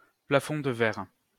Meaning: glass ceiling
- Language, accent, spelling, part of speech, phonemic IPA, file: French, France, plafond de verre, noun, /pla.fɔ̃ d(ə) vɛʁ/, LL-Q150 (fra)-plafond de verre.wav